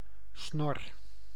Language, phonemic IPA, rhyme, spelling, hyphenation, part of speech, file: Dutch, /snɔr/, -ɔr, snor, snor, noun / verb, Nl-snor.ogg
- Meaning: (noun) 1. moustache 2. Savi's warbler (Locustella luscinioides); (verb) inflection of snorren: 1. first-person singular present indicative 2. second-person singular present indicative 3. imperative